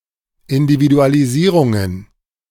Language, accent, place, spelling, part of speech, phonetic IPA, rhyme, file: German, Germany, Berlin, Individualisierungen, noun, [ˌɪndividualiˈziːʁʊŋən], -iːʁʊŋən, De-Individualisierungen.ogg
- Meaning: plural of Individualisierung